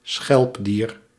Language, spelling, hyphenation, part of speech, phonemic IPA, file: Dutch, schelpdier, schelp‧dier, noun, /ˈsxɛlp.diːr/, Nl-schelpdier.ogg
- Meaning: shellfish